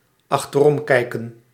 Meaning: 1. to look back over the shoulder 2. to contemplate the past, especially in a nostalgic, guilty or worried way
- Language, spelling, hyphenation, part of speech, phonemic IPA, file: Dutch, achteromkijken, ach‧ter‧om‧kij‧ken, verb, /ɑxtəˈrɔmˌkɛi̯kə(n)/, Nl-achteromkijken.ogg